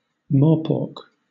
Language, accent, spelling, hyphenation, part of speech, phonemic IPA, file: English, Southern England, morepork, more‧pork, noun / interjection, /ˈmɔːpɔːk/, LL-Q1860 (eng)-morepork.wav
- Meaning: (noun) The Tasmanian spotted owl (Ninox novaeseelandiae), a small brown owl indigenous to New Zealand and Tasmania